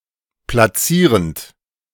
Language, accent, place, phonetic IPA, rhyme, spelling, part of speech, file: German, Germany, Berlin, [plaˈt͡siːʁənt], -iːʁənt, platzierend, verb, De-platzierend.ogg
- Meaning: present participle of platzieren